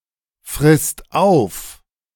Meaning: second/third-person singular present of auffressen
- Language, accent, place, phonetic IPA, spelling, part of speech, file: German, Germany, Berlin, [fʁɪst ˈaʊ̯f], frisst auf, verb, De-frisst auf.ogg